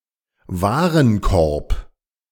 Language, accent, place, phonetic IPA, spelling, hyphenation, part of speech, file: German, Germany, Berlin, [ˈvaːʁənˌkɔʁp], Warenkorb, Wa‧ren‧korb, noun, De-Warenkorb.ogg
- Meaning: 1. shopping basket 2. commodity bundle; market basket